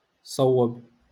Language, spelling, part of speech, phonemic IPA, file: Moroccan Arabic, صوب, verb, /sˤaw.wab/, LL-Q56426 (ary)-صوب.wav
- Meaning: to move aside